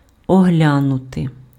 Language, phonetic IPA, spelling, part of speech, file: Ukrainian, [ɔˈɦlʲanʊte], оглянути, verb, Uk-оглянути.ogg
- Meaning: 1. to inspect, to examine 2. to consider, to evaluate